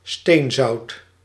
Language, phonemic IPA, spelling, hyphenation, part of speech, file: Dutch, /ˈstenzɑut/, steenzout, steen‧zout, noun, Nl-steenzout.ogg
- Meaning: halite, sodium chloride